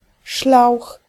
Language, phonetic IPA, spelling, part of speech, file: Polish, [ʃlawx], szlauch, noun, Pl-szlauch.ogg